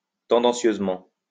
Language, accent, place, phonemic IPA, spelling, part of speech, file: French, France, Lyon, /tɑ̃.dɑ̃.sjøz.mɑ̃/, tendancieusement, adverb, LL-Q150 (fra)-tendancieusement.wav
- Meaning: tendentiously